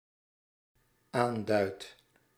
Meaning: first-person singular dependent-clause present indicative of aanduiden
- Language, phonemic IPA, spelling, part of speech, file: Dutch, /ˈandœyt/, aanduid, verb, Nl-aanduid.ogg